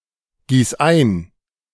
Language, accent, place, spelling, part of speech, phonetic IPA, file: German, Germany, Berlin, gieß ein, verb, [ˌɡiːs ˈaɪ̯n], De-gieß ein.ogg
- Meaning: singular imperative of eingießen